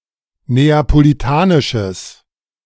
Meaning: strong/mixed nominative/accusative neuter singular of neapolitanisch
- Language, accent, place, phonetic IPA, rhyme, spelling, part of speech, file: German, Germany, Berlin, [ˌneːapoliˈtaːnɪʃəs], -aːnɪʃəs, neapolitanisches, adjective, De-neapolitanisches.ogg